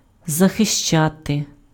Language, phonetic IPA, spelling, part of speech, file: Ukrainian, [zɐxeʃˈt͡ʃate], захищати, verb, Uk-захищати.ogg
- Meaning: 1. to defend 2. to protect 3. to shield